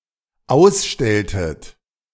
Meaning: inflection of ausstellen: 1. second-person plural dependent preterite 2. second-person plural dependent subjunctive II
- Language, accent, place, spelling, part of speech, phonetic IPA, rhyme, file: German, Germany, Berlin, ausstelltet, verb, [ˈaʊ̯sˌʃtɛltət], -aʊ̯sʃtɛltət, De-ausstelltet.ogg